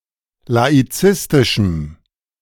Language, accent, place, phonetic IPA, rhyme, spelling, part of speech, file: German, Germany, Berlin, [laiˈt͡sɪstɪʃm̩], -ɪstɪʃm̩, laizistischem, adjective, De-laizistischem.ogg
- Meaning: strong dative masculine/neuter singular of laizistisch